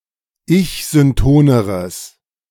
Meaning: strong/mixed nominative/accusative neuter singular comparative degree of ich-synton
- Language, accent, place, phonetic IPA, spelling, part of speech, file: German, Germany, Berlin, [ˈɪçzʏnˌtoːnəʁəs], ich-syntoneres, adjective, De-ich-syntoneres.ogg